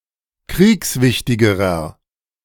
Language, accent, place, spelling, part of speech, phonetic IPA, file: German, Germany, Berlin, kriegswichtigerer, adjective, [ˈkʁiːksˌvɪçtɪɡəʁɐ], De-kriegswichtigerer.ogg
- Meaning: inflection of kriegswichtig: 1. strong/mixed nominative masculine singular comparative degree 2. strong genitive/dative feminine singular comparative degree